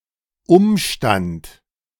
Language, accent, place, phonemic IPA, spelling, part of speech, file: German, Germany, Berlin, /ˈʊmʃtant/, Umstand, noun, De-Umstand.ogg
- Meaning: 1. circumstance (an event; a fact; a particular incident) 2. fuss, trouble, bother (unnecessary activity)